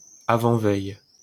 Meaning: the day before the eve; the day before yesterday
- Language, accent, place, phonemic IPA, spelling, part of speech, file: French, France, Paris, /a.vɑ̃.vɛj/, avant-veille, noun, LL-Q150 (fra)-avant-veille.wav